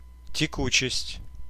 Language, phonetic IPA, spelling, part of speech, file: Russian, [tʲɪˈkut͡ɕɪsʲtʲ], текучесть, noun, Ru-текучесть.ogg
- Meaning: fluidity (the state of being fluid rather than viscous)